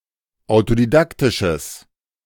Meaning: strong/mixed nominative/accusative neuter singular of autodidaktisch
- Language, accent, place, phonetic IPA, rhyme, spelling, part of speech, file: German, Germany, Berlin, [aʊ̯todiˈdaktɪʃəs], -aktɪʃəs, autodidaktisches, adjective, De-autodidaktisches.ogg